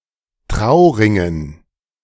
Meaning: dative plural of Trauring
- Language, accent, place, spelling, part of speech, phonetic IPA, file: German, Germany, Berlin, Trauringen, noun, [ˈtʁaʊ̯ˌʁɪŋən], De-Trauringen.ogg